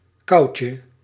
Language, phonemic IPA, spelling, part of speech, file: Dutch, /ˈkɑucə/, kauwtje, noun, Nl-kauwtje.ogg
- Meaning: diminutive of kauw